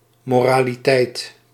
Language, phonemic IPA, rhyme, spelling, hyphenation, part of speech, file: Dutch, /ˌmɔ.raː.liˈtɛi̯t/, -ɛi̯t, moraliteit, mo‧ra‧li‧teit, noun, Nl-moraliteit.ogg
- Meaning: 1. morality 2. morality play